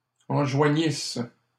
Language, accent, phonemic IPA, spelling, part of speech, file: French, Canada, /ɑ̃.ʒwa.ɲis/, enjoignisses, verb, LL-Q150 (fra)-enjoignisses.wav
- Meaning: second-person singular imperfect subjunctive of enjoindre